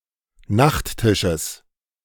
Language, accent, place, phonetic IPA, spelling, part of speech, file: German, Germany, Berlin, [ˈnaxtˌtɪʃəs], Nachttisches, noun, De-Nachttisches.ogg
- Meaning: genitive of Nachttisch